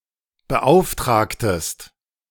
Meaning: inflection of beauftragen: 1. second-person singular preterite 2. second-person singular subjunctive II
- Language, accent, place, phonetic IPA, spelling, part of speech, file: German, Germany, Berlin, [bəˈʔaʊ̯fˌtʁaːktəst], beauftragtest, verb, De-beauftragtest.ogg